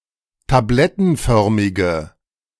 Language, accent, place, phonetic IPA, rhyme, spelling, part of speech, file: German, Germany, Berlin, [taˈblɛtn̩ˌfœʁmɪɡə], -ɛtn̩fœʁmɪɡə, tablettenförmige, adjective, De-tablettenförmige.ogg
- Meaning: inflection of tablettenförmig: 1. strong/mixed nominative/accusative feminine singular 2. strong nominative/accusative plural 3. weak nominative all-gender singular